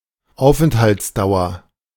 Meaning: duration of stay, length of stay
- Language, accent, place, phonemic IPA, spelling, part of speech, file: German, Germany, Berlin, /ˈˈaʊ̯fɛnthaltsdaʊ̯ɐ/, Aufenthaltsdauer, noun, De-Aufenthaltsdauer.ogg